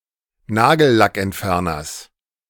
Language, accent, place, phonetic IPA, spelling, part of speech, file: German, Germany, Berlin, [ˈnaːɡl̩lakʔɛntˌfɛʁnɐs], Nagellackentferners, noun, De-Nagellackentferners.ogg
- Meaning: genitive singular of Nagellackentferner